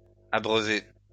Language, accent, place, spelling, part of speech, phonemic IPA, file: French, France, Lyon, abreuvée, verb, /a.bʁœ.ve/, LL-Q150 (fra)-abreuvée.wav
- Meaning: feminine singular of abreuvé